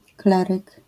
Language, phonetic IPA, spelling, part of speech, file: Polish, [ˈklɛrɨk], kleryk, noun, LL-Q809 (pol)-kleryk.wav